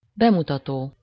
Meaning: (verb) present participle of bemutat; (noun) 1. premiere (the first showing of a film, play or other form of entertainment) 2. show, exhibition
- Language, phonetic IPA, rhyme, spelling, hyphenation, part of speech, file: Hungarian, [ˈbɛmutɒtoː], -toː, bemutató, be‧mu‧ta‧tó, verb / noun, Hu-bemutató.ogg